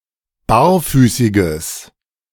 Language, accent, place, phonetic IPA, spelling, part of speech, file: German, Germany, Berlin, [ˈbaːɐ̯ˌfyːsɪɡəs], barfüßiges, adjective, De-barfüßiges.ogg
- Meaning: strong/mixed nominative/accusative neuter singular of barfüßig